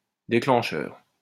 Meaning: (noun) 1. trigger, spark 2. release mechanism 3. shutter release 4. trigger; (adjective) triggering
- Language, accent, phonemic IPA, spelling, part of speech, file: French, France, /de.klɑ̃.ʃœʁ/, déclencheur, noun / adjective, LL-Q150 (fra)-déclencheur.wav